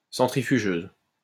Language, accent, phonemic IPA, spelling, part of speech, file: French, France, /sɑ̃.tʁi.fy.ʒøz/, centrifugeuse, noun, LL-Q150 (fra)-centrifugeuse.wav
- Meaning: centrifuge